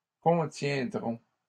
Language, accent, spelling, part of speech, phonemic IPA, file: French, Canada, contiendrons, verb, /kɔ̃.tjɛ̃.dʁɔ̃/, LL-Q150 (fra)-contiendrons.wav
- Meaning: first-person plural future of contenir